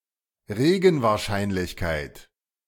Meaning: probability (chance) of rain
- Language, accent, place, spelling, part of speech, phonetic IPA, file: German, Germany, Berlin, Regenwahrscheinlichkeit, noun, [ˈʁeːɡn̩vaːɐ̯ˌʃaɪ̯nlɪçkaɪ̯t], De-Regenwahrscheinlichkeit.ogg